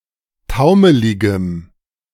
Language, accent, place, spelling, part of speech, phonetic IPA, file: German, Germany, Berlin, taumeligem, adjective, [ˈtaʊ̯məlɪɡəm], De-taumeligem.ogg
- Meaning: strong dative masculine/neuter singular of taumelig